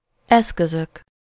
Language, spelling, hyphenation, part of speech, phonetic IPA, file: Hungarian, eszközök, esz‧kö‧zök, noun, [ˈɛskøzøk], Hu-eszközök.ogg
- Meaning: nominative plural of eszköz